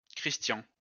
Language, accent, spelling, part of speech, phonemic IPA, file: French, France, Christian, proper noun, /kʁis.tjɑ̃/, LL-Q150 (fra)-Christian.wav
- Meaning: a male given name, feminine equivalent Christiane, Christine, and Christelle, equivalent to English Christian